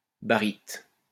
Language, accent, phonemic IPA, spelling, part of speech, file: French, France, /ba.ʁit/, baryte, noun, LL-Q150 (fra)-baryte.wav
- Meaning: barite